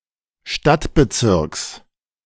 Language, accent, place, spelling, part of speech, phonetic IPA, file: German, Germany, Berlin, Stadtbezirks, noun, [ˈʃtatbəˌt͡sɪʁks], De-Stadtbezirks.ogg
- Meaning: genitive of Stadtbezirk